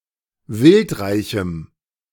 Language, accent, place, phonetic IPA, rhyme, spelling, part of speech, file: German, Germany, Berlin, [ˈvɪltˌʁaɪ̯çm̩], -ɪltʁaɪ̯çm̩, wildreichem, adjective, De-wildreichem.ogg
- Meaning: strong dative masculine/neuter singular of wildreich